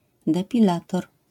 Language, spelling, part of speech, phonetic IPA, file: Polish, depilator, noun, [ˌdɛpʲiˈlatɔr], LL-Q809 (pol)-depilator.wav